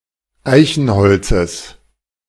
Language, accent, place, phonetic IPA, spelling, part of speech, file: German, Germany, Berlin, [ˈaɪ̯çn̩ˌhɔlt͡səs], Eichenholzes, noun, De-Eichenholzes.ogg
- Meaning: genitive singular of Eichenholz